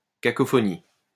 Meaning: cacophony
- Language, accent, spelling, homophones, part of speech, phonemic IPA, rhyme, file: French, France, cacophonie, cacophonies, noun, /ka.kɔ.fɔ.ni/, -i, LL-Q150 (fra)-cacophonie.wav